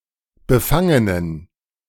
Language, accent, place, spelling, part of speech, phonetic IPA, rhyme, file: German, Germany, Berlin, befangenen, adjective, [bəˈfaŋənən], -aŋənən, De-befangenen.ogg
- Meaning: inflection of befangen: 1. strong genitive masculine/neuter singular 2. weak/mixed genitive/dative all-gender singular 3. strong/weak/mixed accusative masculine singular 4. strong dative plural